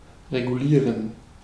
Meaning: to regulate
- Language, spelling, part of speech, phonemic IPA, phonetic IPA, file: German, regulieren, verb, /ʁeɡuˈliːʁən/, [ʁeɡuˈliːɐ̯n], De-regulieren.ogg